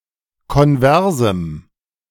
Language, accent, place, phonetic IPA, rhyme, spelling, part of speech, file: German, Germany, Berlin, [kɔnˈvɛʁzm̩], -ɛʁzm̩, konversem, adjective, De-konversem.ogg
- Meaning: strong dative masculine/neuter singular of konvers